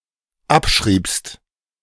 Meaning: second-person singular dependent preterite of abschreiben
- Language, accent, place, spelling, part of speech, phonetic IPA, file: German, Germany, Berlin, abschriebst, verb, [ˈapˌʃʁiːpst], De-abschriebst.ogg